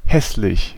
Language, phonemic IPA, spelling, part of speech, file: German, /ˈhɛslɪç/, hässlich, adjective, De-hässlich.ogg
- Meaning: ugly